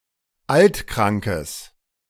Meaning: strong/mixed nominative/accusative neuter singular of altkrank
- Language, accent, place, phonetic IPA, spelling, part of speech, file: German, Germany, Berlin, [ˈaltˌkʁaŋkəs], altkrankes, adjective, De-altkrankes.ogg